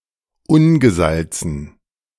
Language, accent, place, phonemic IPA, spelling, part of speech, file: German, Germany, Berlin, /ˈʊnɡəˌzalt͡sn̩/, ungesalzen, adjective, De-ungesalzen.ogg
- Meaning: unsalted